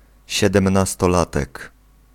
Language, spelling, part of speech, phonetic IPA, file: Polish, siedemnastolatek, noun, [ˌɕɛdɛ̃mnastɔˈlatɛk], Pl-siedemnastolatek.ogg